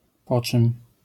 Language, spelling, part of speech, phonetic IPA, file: Polish, po czym, phrase, [ˈpɔ‿t͡ʃɨ̃m], LL-Q809 (pol)-po czym.wav